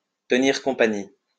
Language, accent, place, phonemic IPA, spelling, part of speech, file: French, France, Lyon, /tə.niʁ kɔ̃.pa.ɲi/, tenir compagnie, verb, LL-Q150 (fra)-tenir compagnie.wav
- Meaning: to keep company